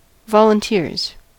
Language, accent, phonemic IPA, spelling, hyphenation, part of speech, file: English, US, /vɑlənˈtɪɹz/, volunteers, vol‧un‧teers, noun, En-us-volunteers.ogg
- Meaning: plural of volunteer